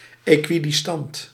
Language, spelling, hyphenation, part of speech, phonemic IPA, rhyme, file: Dutch, equidistant, equi‧dis‧tant, adjective, /ˌeː.kʋi.dɪsˈtɑnt/, -ɑnt, Nl-equidistant.ogg
- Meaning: equidistant